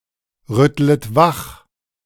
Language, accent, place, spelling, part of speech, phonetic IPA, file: German, Germany, Berlin, rüttlet wach, verb, [ˌʁʏtlət ˈvax], De-rüttlet wach.ogg
- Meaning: second-person plural subjunctive I of wachrütteln